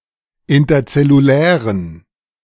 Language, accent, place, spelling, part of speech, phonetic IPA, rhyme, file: German, Germany, Berlin, interzellulären, adjective, [ˌɪntɐt͡sɛluˈlɛːʁən], -ɛːʁən, De-interzellulären.ogg
- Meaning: inflection of interzellulär: 1. strong genitive masculine/neuter singular 2. weak/mixed genitive/dative all-gender singular 3. strong/weak/mixed accusative masculine singular 4. strong dative plural